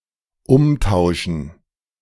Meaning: 1. to exchange 2. to return (bring back a bought item to the seller)
- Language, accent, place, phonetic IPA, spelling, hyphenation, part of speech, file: German, Germany, Berlin, [ˈʊmˌtaʊ̯ʃn̩], umtauschen, um‧tau‧schen, verb, De-umtauschen.ogg